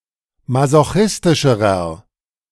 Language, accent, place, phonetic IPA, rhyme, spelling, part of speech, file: German, Germany, Berlin, [mazoˈxɪstɪʃəʁɐ], -ɪstɪʃəʁɐ, masochistischerer, adjective, De-masochistischerer.ogg
- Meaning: inflection of masochistisch: 1. strong/mixed nominative masculine singular comparative degree 2. strong genitive/dative feminine singular comparative degree